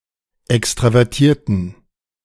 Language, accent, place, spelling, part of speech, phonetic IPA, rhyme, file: German, Germany, Berlin, extravertierten, adjective, [ˌɛkstʁavɛʁˈtiːɐ̯tn̩], -iːɐ̯tn̩, De-extravertierten.ogg
- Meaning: inflection of extravertiert: 1. strong genitive masculine/neuter singular 2. weak/mixed genitive/dative all-gender singular 3. strong/weak/mixed accusative masculine singular 4. strong dative plural